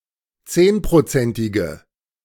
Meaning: inflection of zehnprozentig: 1. strong/mixed nominative/accusative feminine singular 2. strong nominative/accusative plural 3. weak nominative all-gender singular
- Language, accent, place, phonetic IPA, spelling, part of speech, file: German, Germany, Berlin, [ˈt͡seːnpʁoˌt͡sɛntɪɡə], zehnprozentige, adjective, De-zehnprozentige.ogg